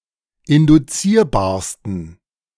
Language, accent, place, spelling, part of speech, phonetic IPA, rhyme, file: German, Germany, Berlin, induzierbarsten, adjective, [ɪndʊˈt͡siːɐ̯baːɐ̯stn̩], -iːɐ̯baːɐ̯stn̩, De-induzierbarsten.ogg
- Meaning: 1. superlative degree of induzierbar 2. inflection of induzierbar: strong genitive masculine/neuter singular superlative degree